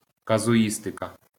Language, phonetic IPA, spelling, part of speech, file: Ukrainian, [kɐzʊˈjistekɐ], казуїстика, noun, LL-Q8798 (ukr)-казуїстика.wav
- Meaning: 1. casuistry (case-based reasoning) 2. casuistry (specious argumentation)